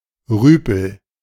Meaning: lout
- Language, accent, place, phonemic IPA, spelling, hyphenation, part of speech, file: German, Germany, Berlin, /ˈʁyːpl̩/, Rüpel, Rü‧pel, noun, De-Rüpel.ogg